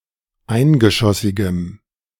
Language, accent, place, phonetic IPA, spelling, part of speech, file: German, Germany, Berlin, [ˈaɪ̯nɡəˌʃɔsɪɡəm], eingeschossigem, adjective, De-eingeschossigem.ogg
- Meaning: strong dative masculine/neuter singular of eingeschossig